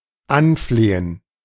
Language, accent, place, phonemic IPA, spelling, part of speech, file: German, Germany, Berlin, /ˈanˌfleːən/, anflehen, verb, De-anflehen.ogg
- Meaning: to beg, to beseech